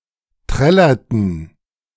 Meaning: inflection of trällern: 1. first/third-person plural preterite 2. first/third-person plural subjunctive II
- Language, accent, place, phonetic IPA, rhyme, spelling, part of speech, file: German, Germany, Berlin, [ˈtʁɛlɐtn̩], -ɛlɐtn̩, trällerten, verb, De-trällerten.ogg